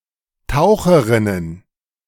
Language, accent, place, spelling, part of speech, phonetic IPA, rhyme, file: German, Germany, Berlin, Taucherinnen, noun, [ˈtaʊ̯xəʁɪnən], -aʊ̯xəʁɪnən, De-Taucherinnen.ogg
- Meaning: plural of Taucherin